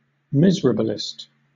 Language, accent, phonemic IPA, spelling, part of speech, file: English, Southern England, /ˈmɪzəɹəbəlɪst/, miserabilist, noun / adjective, LL-Q1860 (eng)-miserabilist.wav
- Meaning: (noun) One who is unhappy, or extols being miserable as a virtue; a philosopher of pessimism; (adjective) Miserable, pessimistic